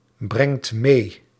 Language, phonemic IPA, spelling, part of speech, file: Dutch, /ˈbrɛŋt ˈme/, brengt mee, verb, Nl-brengt mee.ogg
- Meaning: inflection of meebrengen: 1. second/third-person singular present indicative 2. plural imperative